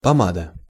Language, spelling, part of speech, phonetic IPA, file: Russian, помада, noun, [pɐˈmadə], Ru-помада.ogg
- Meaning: 1. lipstick 2. pomade